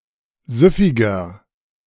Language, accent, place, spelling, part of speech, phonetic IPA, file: German, Germany, Berlin, süffiger, adjective, [ˈzʏfɪɡɐ], De-süffiger.ogg
- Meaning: 1. comparative degree of süffig 2. inflection of süffig: strong/mixed nominative masculine singular 3. inflection of süffig: strong genitive/dative feminine singular